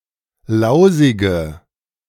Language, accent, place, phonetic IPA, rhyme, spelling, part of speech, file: German, Germany, Berlin, [ˈlaʊ̯zɪɡə], -aʊ̯zɪɡə, lausige, adjective, De-lausige.ogg
- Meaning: inflection of lausig: 1. strong/mixed nominative/accusative feminine singular 2. strong nominative/accusative plural 3. weak nominative all-gender singular 4. weak accusative feminine/neuter singular